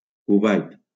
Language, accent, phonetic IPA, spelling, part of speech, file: Catalan, Valencia, [kuˈvajt], Kuwait, proper noun, LL-Q7026 (cat)-Kuwait.wav
- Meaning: Kuwait (a country in West Asia in the Middle East)